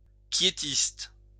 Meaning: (adjective) quietist
- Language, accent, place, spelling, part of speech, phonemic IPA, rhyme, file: French, France, Lyon, quiétiste, adjective / noun, /kje.tist/, -ist, LL-Q150 (fra)-quiétiste.wav